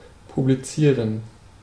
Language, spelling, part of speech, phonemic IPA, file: German, publizieren, verb, /publiˈt͡siːʁən/, De-publizieren.ogg
- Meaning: to publish